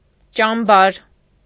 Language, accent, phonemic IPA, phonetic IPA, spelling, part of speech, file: Armenian, Eastern Armenian, /t͡ʃɑmˈbɑɾ/, [t͡ʃɑmbɑ́ɾ], ճամբար, noun, Hy-ճամբար.ogg
- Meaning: camp